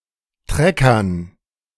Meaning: dative plural of Trecker
- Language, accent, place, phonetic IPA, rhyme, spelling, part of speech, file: German, Germany, Berlin, [ˈtʁɛkɐn], -ɛkɐn, Treckern, noun, De-Treckern.ogg